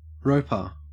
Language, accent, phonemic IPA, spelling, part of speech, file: English, Australia, /ˈɹəʊpə(ɹ)/, roper, noun, En-au-roper.ogg
- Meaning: 1. Agent noun of rope; one who uses a rope, especially one who throws a lariat or lasso 2. A ropemaker (a maker of ropes) 3. One who ropes goods; a packer